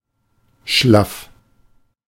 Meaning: 1. slack, limp 2. weak, weary
- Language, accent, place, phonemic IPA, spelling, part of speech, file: German, Germany, Berlin, /ʃlaf/, schlaff, adjective, De-schlaff.ogg